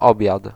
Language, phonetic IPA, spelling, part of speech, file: Polish, [ˈɔbʲjat], obiad, noun, Pl-obiad.ogg